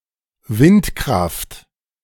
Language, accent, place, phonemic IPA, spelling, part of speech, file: German, Germany, Berlin, /ˈvɪntkʁaft/, Windkraft, noun, De-Windkraft.ogg
- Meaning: wind power (power harnessed from the wind)